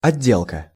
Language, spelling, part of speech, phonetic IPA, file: Russian, отделка, noun, [ɐˈdʲːeɫkə], Ru-отделка.ogg
- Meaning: 1. finishing, trimming, decoration work/finish 2. finish, decoration, trimmings